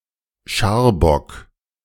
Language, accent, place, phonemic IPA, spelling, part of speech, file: German, Germany, Berlin, /ˈʃaːrˌbɔk/, Scharbock, noun, De-Scharbock.ogg
- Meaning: scurvy